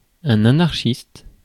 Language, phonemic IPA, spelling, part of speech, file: French, /a.naʁ.ʃist/, anarchiste, adjective / noun, Fr-anarchiste.ogg
- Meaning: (adjective) anarchistic; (noun) anarchist, adherent of anarchism